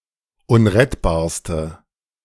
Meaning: inflection of unrettbar: 1. strong/mixed nominative/accusative feminine singular superlative degree 2. strong nominative/accusative plural superlative degree
- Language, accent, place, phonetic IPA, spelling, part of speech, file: German, Germany, Berlin, [ˈʊnʁɛtbaːɐ̯stə], unrettbarste, adjective, De-unrettbarste.ogg